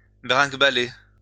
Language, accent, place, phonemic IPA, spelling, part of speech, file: French, France, Lyon, /bʁɛ̃k.ba.le/, brinquebaler, verb, LL-Q150 (fra)-brinquebaler.wav
- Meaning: alternative form of bringuebaler